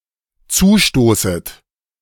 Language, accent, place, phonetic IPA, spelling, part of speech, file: German, Germany, Berlin, [ˈt͡suːˌʃtoːsət], zustoßet, verb, De-zustoßet.ogg
- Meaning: second-person plural dependent subjunctive I of zustoßen